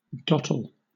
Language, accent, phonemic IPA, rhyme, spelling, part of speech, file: English, Southern England, /ˈdɒtəl/, -ɒtəl, dottle, noun / verb / adjective, LL-Q1860 (eng)-dottle.wav
- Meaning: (noun) 1. A plug or tap of a vessel 2. A small rounded lump or mass 3. The still burning or wholly burnt tobacco plug in a pipe 4. A baby's dummy, pacifier